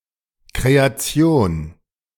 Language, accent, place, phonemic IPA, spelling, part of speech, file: German, Germany, Berlin, /ˌkʁeː.aˈtsjoːn/, Kreation, noun, De-Kreation.ogg
- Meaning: 1. creation (all that exists, as being created by God) 2. composition; creation; something designed or arranged (e.g., a fashion line)